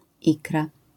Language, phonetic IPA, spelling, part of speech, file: Polish, [ˈikra], ikra, noun, LL-Q809 (pol)-ikra.wav